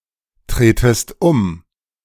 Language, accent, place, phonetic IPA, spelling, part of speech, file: German, Germany, Berlin, [ˌtʁeːtəst ˈʊm], tretest um, verb, De-tretest um.ogg
- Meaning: second-person singular subjunctive I of umtreten